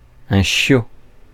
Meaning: 1. puppy (baby dog, of either sex) 2. white-coated harp seal pup (Pagophilus groenlandicus)
- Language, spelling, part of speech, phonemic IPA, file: French, chiot, noun, /ʃjo/, Fr-chiot.ogg